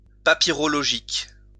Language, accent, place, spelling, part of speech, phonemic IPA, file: French, France, Lyon, papyrologique, adjective, /pa.pi.ʁɔ.lɔ.ʒik/, LL-Q150 (fra)-papyrologique.wav
- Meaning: papyrological